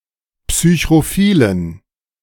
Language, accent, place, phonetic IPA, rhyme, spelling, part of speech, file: German, Germany, Berlin, [psyçʁoˈfiːlən], -iːlən, psychrophilen, adjective, De-psychrophilen.ogg
- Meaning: inflection of psychrophil: 1. strong genitive masculine/neuter singular 2. weak/mixed genitive/dative all-gender singular 3. strong/weak/mixed accusative masculine singular 4. strong dative plural